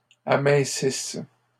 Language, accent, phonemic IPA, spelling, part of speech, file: French, Canada, /a.mɛ̃.sis/, amincisse, verb, LL-Q150 (fra)-amincisse.wav
- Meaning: inflection of amincir: 1. first/third-person singular present subjunctive 2. first-person singular imperfect subjunctive